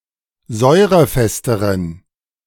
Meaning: inflection of säurefest: 1. strong genitive masculine/neuter singular comparative degree 2. weak/mixed genitive/dative all-gender singular comparative degree
- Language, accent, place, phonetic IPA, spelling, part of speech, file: German, Germany, Berlin, [ˈzɔɪ̯ʁəˌfɛstəʁən], säurefesteren, adjective, De-säurefesteren.ogg